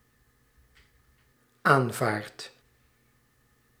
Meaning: inflection of aanvaarden: 1. second/third-person singular present indicative 2. plural imperative
- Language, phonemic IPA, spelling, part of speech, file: Dutch, /aɱˈvart/, aanvaardt, verb, Nl-aanvaardt.ogg